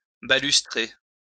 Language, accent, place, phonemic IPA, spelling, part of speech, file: French, France, Lyon, /ba.lys.tʁe/, balustrer, verb, LL-Q150 (fra)-balustrer.wav
- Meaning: to decorate or surround with a balustrade